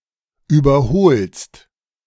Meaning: second-person singular present of überholen
- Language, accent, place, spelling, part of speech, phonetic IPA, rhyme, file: German, Germany, Berlin, überholst, verb, [ˌyːbɐˈhoːlst], -oːlst, De-überholst.ogg